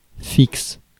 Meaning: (adjective) fixed; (noun) 1. fix 2. fixed line telephone (as opposed to mobile telephone); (verb) inflection of fixer: first/third-person singular present indicative/subjunctive
- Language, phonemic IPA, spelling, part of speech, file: French, /fiks/, fixe, adjective / noun / verb, Fr-fixe.ogg